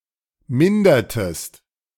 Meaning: inflection of mindern: 1. second-person singular preterite 2. second-person singular subjunctive II
- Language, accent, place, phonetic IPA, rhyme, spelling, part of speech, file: German, Germany, Berlin, [ˈmɪndɐtəst], -ɪndɐtəst, mindertest, verb, De-mindertest.ogg